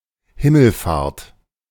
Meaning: 1. ascension 2. Short for Christi Himmelfahrt (“Ascension Day, 40 days after Easter”) 3. Short for Mariä Himmelfahrt (“Assumption of Mary, 15th August”) 4. assumption
- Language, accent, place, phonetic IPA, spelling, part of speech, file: German, Germany, Berlin, [ˈhɪml̩ˌfaːɐ̯t], Himmelfahrt, noun, De-Himmelfahrt.ogg